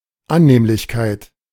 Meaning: 1. amenity 2. comfort 3. pleasantness 4. convenience
- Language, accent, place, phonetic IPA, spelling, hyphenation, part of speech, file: German, Germany, Berlin, [ˈanneːmlɪçkaɪ̯t], Annehmlichkeit, An‧nehm‧lich‧keit, noun, De-Annehmlichkeit.ogg